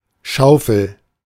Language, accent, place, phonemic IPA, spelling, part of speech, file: German, Germany, Berlin, /ˈʃaʊ̯fəl/, Schaufel, noun, De-Schaufel.ogg
- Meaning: shovel